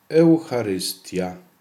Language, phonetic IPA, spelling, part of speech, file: Polish, [ɛw.xa.rɨˈsti.a], eucharystia, noun, Pl-eucharystia.ogg